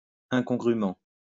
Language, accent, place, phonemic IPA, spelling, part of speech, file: French, France, Lyon, /ɛ̃.kɔ̃.ɡʁy.mɑ̃/, incongrument, adverb, LL-Q150 (fra)-incongrument.wav
- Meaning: alternative form of incongrûment